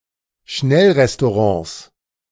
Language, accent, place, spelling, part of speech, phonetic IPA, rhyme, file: German, Germany, Berlin, Schnellrestaurants, noun, [ˈʃnɛlʁɛstoˌʁɑ̃ːs], -ɛlʁɛstoʁɑ̃ːs, De-Schnellrestaurants.ogg
- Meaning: 1. genitive singular of Schnellrestaurant 2. plural of Schnellrestaurant